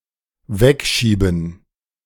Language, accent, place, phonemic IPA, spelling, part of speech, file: German, Germany, Berlin, /ˈvɛkˌʃiːbn̩/, wegschieben, verb, De-wegschieben.ogg
- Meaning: to push away